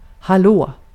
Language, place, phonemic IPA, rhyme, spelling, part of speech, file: Swedish, Gotland, /haˈloː/, -oː, hallå, interjection, Sv-hallå.ogg
- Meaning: 1. hello (greeting) 2. hey, hello (to get someone's attention)